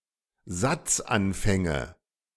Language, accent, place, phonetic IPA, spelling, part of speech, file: German, Germany, Berlin, [ˈzat͡sʔanˌfɛŋə], Satzanfänge, noun, De-Satzanfänge.ogg
- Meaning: nominative/accusative/genitive plural of Satzanfang